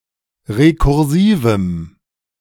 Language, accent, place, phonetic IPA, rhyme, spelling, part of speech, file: German, Germany, Berlin, [ʁekʊʁˈziːvm̩], -iːvm̩, rekursivem, adjective, De-rekursivem.ogg
- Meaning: strong dative masculine/neuter singular of rekursiv